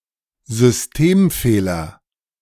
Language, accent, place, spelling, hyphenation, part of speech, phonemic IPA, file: German, Germany, Berlin, Systemfehler, Sys‧tem‧feh‧ler, noun, /zʏsˈteːmˌfeːlɐ/, De-Systemfehler.ogg
- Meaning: system failure